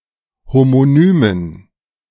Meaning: dative plural of Homonym
- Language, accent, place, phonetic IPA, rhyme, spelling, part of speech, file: German, Germany, Berlin, [homoˈnyːmən], -yːmən, Homonymen, noun, De-Homonymen.ogg